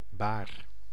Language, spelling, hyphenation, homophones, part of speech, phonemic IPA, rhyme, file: Dutch, baar, baar, Bahr, noun / adjective / verb, /baːr/, -aːr, Nl-baar.ogg
- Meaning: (noun) 1. a bier, a stretcher, a litter; a device used to carry someone or something, especially wounded or dead people 2. a bed on which a dead person is displayed before he is buried